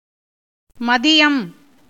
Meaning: noon, midday
- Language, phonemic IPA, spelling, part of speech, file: Tamil, /mɐd̪ɪjɐm/, மதியம், noun, Ta-மதியம்.ogg